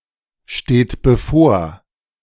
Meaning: inflection of bevorstehen: 1. third-person singular present 2. second-person plural present 3. plural imperative
- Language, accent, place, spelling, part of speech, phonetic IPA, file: German, Germany, Berlin, steht bevor, verb, [ˌʃteːt bəˈfoːɐ̯], De-steht bevor.ogg